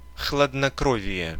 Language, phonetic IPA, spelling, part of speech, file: Russian, [xɫədnɐˈkrovʲɪje], хладнокровие, noun, Ru-хладнокровие.ogg
- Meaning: sang-froid, composure (coolness in trying circumstances)